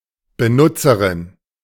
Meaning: female equivalent of Benutzer (“user”)
- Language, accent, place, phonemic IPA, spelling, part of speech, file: German, Germany, Berlin, /bəˈnʊtsəʁɪn/, Benutzerin, noun, De-Benutzerin.ogg